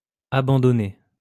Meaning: masculine plural of abandonné
- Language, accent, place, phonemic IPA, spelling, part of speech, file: French, France, Lyon, /a.bɑ̃.dɔ.ne/, abandonnés, verb, LL-Q150 (fra)-abandonnés.wav